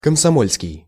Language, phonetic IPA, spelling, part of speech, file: Russian, [kəmsɐˈmolʲskʲɪj], комсомольский, adjective, Ru-комсомольский.ogg
- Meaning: Komsomol